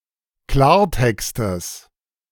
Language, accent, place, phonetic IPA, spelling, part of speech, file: German, Germany, Berlin, [ˈklaːɐ̯ˌtɛkstəs], Klartextes, noun, De-Klartextes.ogg
- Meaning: genitive of Klartext